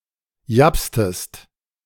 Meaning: inflection of japsen: 1. second-person singular preterite 2. second-person singular subjunctive II
- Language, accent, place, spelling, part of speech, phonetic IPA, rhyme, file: German, Germany, Berlin, japstest, verb, [ˈjapstəst], -apstəst, De-japstest.ogg